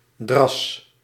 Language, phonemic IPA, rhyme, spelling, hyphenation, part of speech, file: Dutch, /drɑs/, -ɑs, dras, dras, adjective, Nl-dras.ogg
- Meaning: marshy, boggy